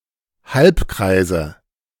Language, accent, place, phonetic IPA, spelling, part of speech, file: German, Germany, Berlin, [ˈhalpˌkʁaɪ̯zə], Halbkreise, noun, De-Halbkreise.ogg
- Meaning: nominative/accusative/genitive plural of Halbkreis